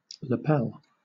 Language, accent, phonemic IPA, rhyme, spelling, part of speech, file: English, Southern England, /ləˈpɛl/, -ɛl, lapel, noun, LL-Q1860 (eng)-lapel.wav
- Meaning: Each of the two triangular pieces of cloth on the front of a jacket or coat that are folded back below the throat, leaving a triangular opening between